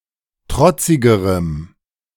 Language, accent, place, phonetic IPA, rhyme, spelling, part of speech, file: German, Germany, Berlin, [ˈtʁɔt͡sɪɡəʁəm], -ɔt͡sɪɡəʁəm, trotzigerem, adjective, De-trotzigerem.ogg
- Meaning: strong dative masculine/neuter singular comparative degree of trotzig